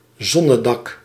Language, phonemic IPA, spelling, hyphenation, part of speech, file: Dutch, /ˈzɔ.nəˌdɑk/, zonnedak, zon‧ne‧dak, noun, Nl-zonnedak.ogg
- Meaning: skylight